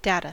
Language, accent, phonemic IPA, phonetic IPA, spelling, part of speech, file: English, US, /ˈdætə/, [ˈdeɪɾə], data, noun, En-us-data2.ogg
- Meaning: plural of datum